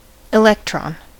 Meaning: The subatomic particle having a negative charge and orbiting the nucleus; the flow of electrons in a conductor constitutes electricity
- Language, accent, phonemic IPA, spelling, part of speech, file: English, US, /ɪˈlɛk.tɹɑn/, electron, noun, En-us-electron.ogg